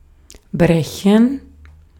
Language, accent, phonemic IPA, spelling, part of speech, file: German, Austria, /ˈbʁɛçən/, brechen, verb, De-at-brechen.ogg
- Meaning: 1. to break 2. to refract 3. to vomit 4. to fold 5. to become broken; to break; to fracture